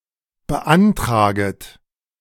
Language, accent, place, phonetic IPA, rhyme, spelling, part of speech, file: German, Germany, Berlin, [bəˈʔantʁaːɡət], -antʁaːɡət, beantraget, verb, De-beantraget.ogg
- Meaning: second-person plural subjunctive I of beantragen